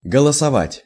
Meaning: to vote (assert a formalised choice)
- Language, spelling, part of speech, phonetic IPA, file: Russian, голосовать, verb, [ɡəɫəsɐˈvatʲ], Ru-голосовать.ogg